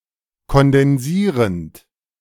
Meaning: present participle of kondensieren
- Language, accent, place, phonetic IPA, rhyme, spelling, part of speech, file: German, Germany, Berlin, [kɔndɛnˈziːʁənt], -iːʁənt, kondensierend, verb, De-kondensierend.ogg